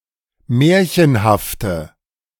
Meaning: inflection of märchenhaft: 1. strong/mixed nominative/accusative feminine singular 2. strong nominative/accusative plural 3. weak nominative all-gender singular
- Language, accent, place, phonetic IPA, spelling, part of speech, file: German, Germany, Berlin, [ˈmɛːɐ̯çənhaftə], märchenhafte, adjective, De-märchenhafte.ogg